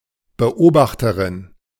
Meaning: female equivalent of Beobachter (“observer”)
- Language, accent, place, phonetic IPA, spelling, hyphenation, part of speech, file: German, Germany, Berlin, [bəˈʔoːbaxtəʁɪn], Beobachterin, Be‧ob‧ach‧te‧rin, noun, De-Beobachterin.ogg